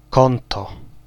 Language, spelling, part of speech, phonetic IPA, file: Polish, konto, noun, [ˈkɔ̃ntɔ], Pl-konto.ogg